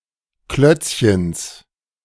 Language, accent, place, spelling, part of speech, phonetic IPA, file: German, Germany, Berlin, Klötzchens, noun, [ˈklœt͡sçəns], De-Klötzchens.ogg
- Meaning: genitive singular of Klötzchen